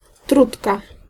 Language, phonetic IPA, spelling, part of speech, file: Polish, [ˈtrutka], trutka, noun, Pl-trutka.ogg